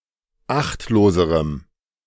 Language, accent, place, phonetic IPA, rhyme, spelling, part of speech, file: German, Germany, Berlin, [ˈaxtloːzəʁəm], -axtloːzəʁəm, achtloserem, adjective, De-achtloserem.ogg
- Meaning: strong dative masculine/neuter singular comparative degree of achtlos